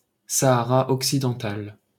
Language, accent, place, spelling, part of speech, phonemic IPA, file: French, France, Paris, Sahara occidental, proper noun, /sa.a.ʁa ɔk.si.dɑ̃.tal/, LL-Q150 (fra)-Sahara occidental.wav